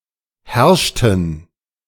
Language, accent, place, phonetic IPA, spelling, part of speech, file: German, Germany, Berlin, [ˈhɛʁʃtn̩], herrschten, verb, De-herrschten.ogg
- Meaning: inflection of herrschen: 1. first/third-person plural preterite 2. first/third-person plural subjunctive II